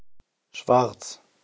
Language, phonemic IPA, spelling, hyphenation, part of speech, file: German, /ʃvaʁt͡s/, Schwarz, Schwarz, noun / proper noun, De-Schwarz.ogg
- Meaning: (noun) 1. black (colour) 2. sable; black in heraldry; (proper noun) a common surname transferred from the nickname; variant form Schwartz